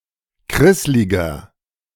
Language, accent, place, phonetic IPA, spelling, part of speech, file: German, Germany, Berlin, [ˈkʁɪslɪɡɐ], krissliger, adjective, De-krissliger.ogg
- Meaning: 1. comparative degree of krisslig 2. inflection of krisslig: strong/mixed nominative masculine singular 3. inflection of krisslig: strong genitive/dative feminine singular